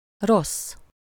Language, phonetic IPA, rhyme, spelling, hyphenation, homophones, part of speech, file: Hungarian, [ˈrosː], -osː, rossz, rossz, Ross, adjective / noun, Hu-rossz.ogg
- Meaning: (adjective) 1. bad, unpleasant, unfavorable, foul 2. bad, ill 3. wrong, inadequate 4. poor, inferior 5. broken, faulty, out of order 6. bad, evil, wicked, vicious 7. bad, naughty